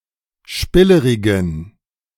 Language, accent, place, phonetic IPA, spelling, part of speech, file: German, Germany, Berlin, [ˈʃpɪləʁɪɡn̩], spillerigen, adjective, De-spillerigen.ogg
- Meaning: inflection of spillerig: 1. strong genitive masculine/neuter singular 2. weak/mixed genitive/dative all-gender singular 3. strong/weak/mixed accusative masculine singular 4. strong dative plural